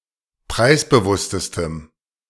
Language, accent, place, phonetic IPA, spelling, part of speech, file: German, Germany, Berlin, [ˈpʁaɪ̯sbəˌvʊstəstəm], preisbewusstestem, adjective, De-preisbewusstestem.ogg
- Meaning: strong dative masculine/neuter singular superlative degree of preisbewusst